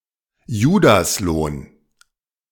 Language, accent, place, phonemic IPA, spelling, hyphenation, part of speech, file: German, Germany, Berlin, /ˈjuːdasˌloːn/, Judaslohn, Ju‧das‧lohn, noun, De-Judaslohn.ogg
- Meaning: thirty pieces of silver